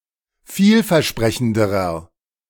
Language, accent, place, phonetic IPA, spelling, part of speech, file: German, Germany, Berlin, [ˈfiːlfɛɐ̯ˌʃpʁɛçn̩dəʁɐ], vielversprechenderer, adjective, De-vielversprechenderer.ogg
- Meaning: inflection of vielversprechend: 1. strong/mixed nominative masculine singular comparative degree 2. strong genitive/dative feminine singular comparative degree